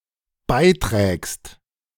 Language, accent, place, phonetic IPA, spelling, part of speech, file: German, Germany, Berlin, [ˈbaɪ̯ˌtʁɛːkst], beiträgst, verb, De-beiträgst.ogg
- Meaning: second-person singular dependent present of beitragen